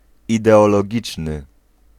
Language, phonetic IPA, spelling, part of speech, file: Polish, [ˌidɛɔlɔˈɟit͡ʃnɨ], ideologiczny, adjective, Pl-ideologiczny.ogg